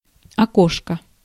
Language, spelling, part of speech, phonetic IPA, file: Russian, окошко, noun, [ɐˈkoʂkə], Ru-окошко.ogg
- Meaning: diminutive of окно́ (oknó)